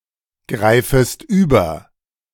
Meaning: second-person singular subjunctive I of übergreifen
- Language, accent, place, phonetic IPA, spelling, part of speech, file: German, Germany, Berlin, [ˌɡʁaɪ̯fəst ˈyːbɐ], greifest über, verb, De-greifest über.ogg